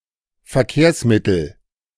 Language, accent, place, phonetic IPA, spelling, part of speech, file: German, Germany, Berlin, [fɛɐ̯ˈkeːɐ̯sˌmɪtl̩], Verkehrsmittel, noun, De-Verkehrsmittel.ogg
- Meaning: 1. transport 2. vehicle